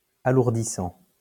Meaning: present participle of alourdir
- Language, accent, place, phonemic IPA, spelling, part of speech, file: French, France, Lyon, /a.luʁ.di.sɑ̃/, alourdissant, verb, LL-Q150 (fra)-alourdissant.wav